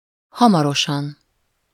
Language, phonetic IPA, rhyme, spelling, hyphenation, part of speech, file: Hungarian, [ˈhɒmɒroʃɒn], -ɒn, hamarosan, ha‧ma‧ro‧san, adverb, Hu-hamarosan.ogg
- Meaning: soon